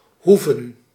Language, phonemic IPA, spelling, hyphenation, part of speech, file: Dutch, /ˈɦuvə(n)/, hoeven, hoe‧ven, verb / noun, Nl-hoeven.ogg
- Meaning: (verb) 1. to be necessary 2. to need to, to have to 3. to need 4. to need to urinate or defecate, to need to go; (noun) 1. plural of hoef 2. plural of hoeve